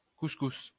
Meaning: couscous
- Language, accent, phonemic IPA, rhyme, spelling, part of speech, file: French, France, /kus.kus/, -us, couscous, noun, LL-Q150 (fra)-couscous.wav